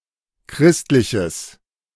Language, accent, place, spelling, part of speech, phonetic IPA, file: German, Germany, Berlin, christliches, adjective, [ˈkʁɪstlɪçəs], De-christliches.ogg
- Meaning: strong/mixed nominative/accusative neuter singular of christlich